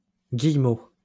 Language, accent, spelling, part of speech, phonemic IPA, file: French, France, guillemot, noun, /ɡij.mo/, LL-Q150 (fra)-guillemot.wav
- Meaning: guillemot